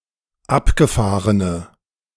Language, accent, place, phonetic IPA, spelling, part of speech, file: German, Germany, Berlin, [ˈapɡəˌfaːʁənə], abgefahrene, adjective, De-abgefahrene.ogg
- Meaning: inflection of abgefahren: 1. strong/mixed nominative/accusative feminine singular 2. strong nominative/accusative plural 3. weak nominative all-gender singular